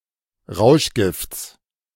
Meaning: genitive singular of Rauschgift
- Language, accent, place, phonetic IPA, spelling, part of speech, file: German, Germany, Berlin, [ˈʁaʊ̯ʃˌɡɪft͡s], Rauschgifts, noun, De-Rauschgifts.ogg